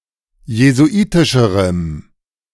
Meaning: strong dative masculine/neuter singular comparative degree of jesuitisch
- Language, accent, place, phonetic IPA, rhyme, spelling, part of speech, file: German, Germany, Berlin, [jezuˈʔiːtɪʃəʁəm], -iːtɪʃəʁəm, jesuitischerem, adjective, De-jesuitischerem.ogg